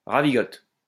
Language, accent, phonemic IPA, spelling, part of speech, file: French, France, /ʁa.vi.ɡɔt/, ravigote, verb, LL-Q150 (fra)-ravigote.wav
- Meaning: inflection of ravigoter: 1. first/third-person singular present indicative/subjunctive 2. second-person singular imperative